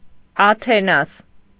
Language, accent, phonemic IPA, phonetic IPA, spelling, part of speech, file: Armenian, Eastern Armenian, /ɑtʰeˈnɑs/, [ɑtʰenɑ́s], Աթենաս, proper noun, Hy-Աթենաս.ogg
- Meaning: Athena